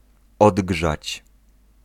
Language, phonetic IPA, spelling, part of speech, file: Polish, [ˈɔdɡʒat͡ɕ], odgrzać, verb, Pl-odgrzać.ogg